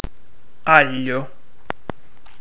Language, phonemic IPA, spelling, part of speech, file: Italian, /ˈaʎʎo/, aglio, noun, It-aglio.ogg